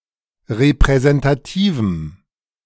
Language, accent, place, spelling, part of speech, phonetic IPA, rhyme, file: German, Germany, Berlin, repräsentativem, adjective, [ʁepʁɛzɛntaˈtiːvm̩], -iːvm̩, De-repräsentativem.ogg
- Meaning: strong dative masculine/neuter singular of repräsentativ